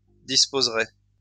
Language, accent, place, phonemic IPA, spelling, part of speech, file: French, France, Lyon, /dis.poz.ʁɛ/, disposerait, verb, LL-Q150 (fra)-disposerait.wav
- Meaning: third-person singular conditional of disposer